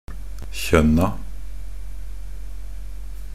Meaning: indefinite plural of kjønn
- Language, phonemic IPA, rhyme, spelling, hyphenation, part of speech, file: Norwegian Bokmål, /çœnːa/, -œnːa, kjønna, kjønn‧a, noun, Nb-kjønna.ogg